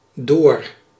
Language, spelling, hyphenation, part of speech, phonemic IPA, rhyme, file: Dutch, door, door, preposition / adverb / noun, /doːr/, -oːr, Nl-door.ogg
- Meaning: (preposition) 1. through 2. across, around (within a certain space) 3. because of, due to 4. by, by means of; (adverb) 1. forward, on 2. through (implying motion)